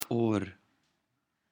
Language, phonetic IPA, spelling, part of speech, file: Pashto, [oɾ], اور, noun, Or-Pashto.ogg
- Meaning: fire